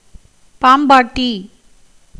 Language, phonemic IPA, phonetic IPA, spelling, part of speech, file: Tamil, /pɑːmbɑːʈːiː/, [päːmbäːʈːiː], பாம்பாட்டி, noun, Ta-பாம்பாட்டி.ogg
- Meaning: snake charmer